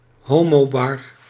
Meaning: a gay bar
- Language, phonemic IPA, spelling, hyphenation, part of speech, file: Dutch, /ˈɦoː.moːˌbɑr/, homobar, ho‧mo‧bar, noun, Nl-homobar.ogg